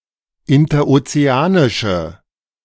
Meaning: inflection of interozeanisch: 1. strong/mixed nominative/accusative feminine singular 2. strong nominative/accusative plural 3. weak nominative all-gender singular
- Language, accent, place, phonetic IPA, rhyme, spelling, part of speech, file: German, Germany, Berlin, [ɪntɐʔot͡seˈaːnɪʃə], -aːnɪʃə, interozeanische, adjective, De-interozeanische.ogg